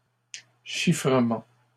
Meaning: plural of chiffrement
- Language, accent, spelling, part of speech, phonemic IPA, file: French, Canada, chiffrements, noun, /ʃi.fʁə.mɑ̃/, LL-Q150 (fra)-chiffrements.wav